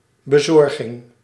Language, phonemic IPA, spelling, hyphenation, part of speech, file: Dutch, /bəˈzɔr.ɣɪŋ/, bezorging, be‧zor‧ging, noun, Nl-bezorging.ogg
- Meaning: 1. delivery (of a package, for example) 2. execution, the act of fulfilling